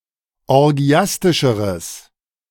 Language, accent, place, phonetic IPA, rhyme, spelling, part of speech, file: German, Germany, Berlin, [ɔʁˈɡi̯astɪʃəʁəs], -astɪʃəʁəs, orgiastischeres, adjective, De-orgiastischeres.ogg
- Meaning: strong/mixed nominative/accusative neuter singular comparative degree of orgiastisch